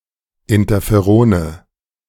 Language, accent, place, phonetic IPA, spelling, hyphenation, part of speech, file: German, Germany, Berlin, [ˌɪntɐfeˈʁoːnə], Interferone, In‧ter‧fe‧ro‧ne, noun, De-Interferone.ogg
- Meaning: nominative/accusative/genitive plural of Interferon